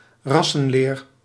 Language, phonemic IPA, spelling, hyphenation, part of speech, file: Dutch, /ˈrɑ.sə(n)ˌleːr/, rassenleer, ras‧sen‧leer, noun, Nl-rassenleer.ogg
- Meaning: racial theory (pseudoscientific theory about the subdivision of humanity into races)